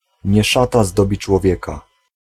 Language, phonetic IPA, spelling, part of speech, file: Polish, [ɲɛ‿ˈʃata ˈzdɔbʲi t͡ʃwɔˈvʲjɛka], nie szata zdobi człowieka, proverb, Pl-nie szata zdobi człowieka.ogg